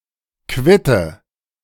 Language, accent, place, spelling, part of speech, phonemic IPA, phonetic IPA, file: German, Germany, Berlin, Quitte, noun, /ˈkvɪtə/, [ˈkʋɪ.tə], De-Quitte.ogg
- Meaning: quince (fruit)